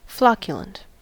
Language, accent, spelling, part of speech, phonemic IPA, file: English, US, flocculent, adjective / noun, /ˈflɑk.jə.lənt/, En-us-flocculent.ogg
- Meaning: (adjective) 1. Flocculated, resembling bits of wool; woolly 2. Covered in a woolly substance; downy 3. Flaky; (noun) diminutive of flocculent spiral galaxy